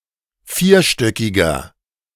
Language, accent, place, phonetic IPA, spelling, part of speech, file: German, Germany, Berlin, [ˈfiːɐ̯ˌʃtœkɪɡɐ], vierstöckiger, adjective, De-vierstöckiger.ogg
- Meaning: inflection of vierstöckig: 1. strong/mixed nominative masculine singular 2. strong genitive/dative feminine singular 3. strong genitive plural